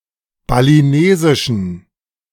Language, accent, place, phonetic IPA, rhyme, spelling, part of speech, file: German, Germany, Berlin, [baliˈneːzɪʃn̩], -eːzɪʃn̩, balinesischen, adjective, De-balinesischen.ogg
- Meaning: inflection of balinesisch: 1. strong genitive masculine/neuter singular 2. weak/mixed genitive/dative all-gender singular 3. strong/weak/mixed accusative masculine singular 4. strong dative plural